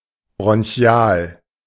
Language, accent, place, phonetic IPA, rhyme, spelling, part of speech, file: German, Germany, Berlin, [bʁɔnˈçi̯aːl], -aːl, bronchial, adjective, De-bronchial.ogg
- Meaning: bronchial